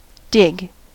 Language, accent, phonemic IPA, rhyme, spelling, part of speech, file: English, US, /dɪɡ/, -ɪɡ, dig, verb / noun, En-us-dig.ogg